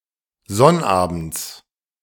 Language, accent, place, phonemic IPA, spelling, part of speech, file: German, Germany, Berlin, /ˈzɔnʔaːbn̩t͡s/, sonnabends, adverb, De-sonnabends.ogg
- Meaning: every Saturday, on Saturdays